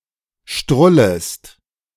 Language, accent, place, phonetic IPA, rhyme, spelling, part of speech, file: German, Germany, Berlin, [ˈʃtʁʊləst], -ʊləst, strullest, verb, De-strullest.ogg
- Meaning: second-person singular subjunctive I of strullen